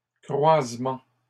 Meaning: plural of croisement
- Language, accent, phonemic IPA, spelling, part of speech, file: French, Canada, /kʁwaz.mɑ̃/, croisements, noun, LL-Q150 (fra)-croisements.wav